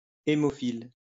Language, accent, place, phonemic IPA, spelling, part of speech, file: French, France, Lyon, /e.mɔ.fil/, hémophile, adjective / noun, LL-Q150 (fra)-hémophile.wav
- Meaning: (adjective) haemophiliac